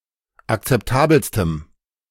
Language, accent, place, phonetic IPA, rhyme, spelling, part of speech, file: German, Germany, Berlin, [akt͡sɛpˈtaːbl̩stəm], -aːbl̩stəm, akzeptabelstem, adjective, De-akzeptabelstem.ogg
- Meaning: strong dative masculine/neuter singular superlative degree of akzeptabel